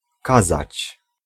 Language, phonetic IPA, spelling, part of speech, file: Polish, [ˈkazat͡ɕ], kazać, verb, Pl-kazać.ogg